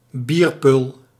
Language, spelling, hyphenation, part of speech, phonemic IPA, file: Dutch, bierpul, bier‧pul, noun, /ˈbir.pʏl/, Nl-bierpul.ogg
- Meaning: beer stein, tankard: a kind of beer mug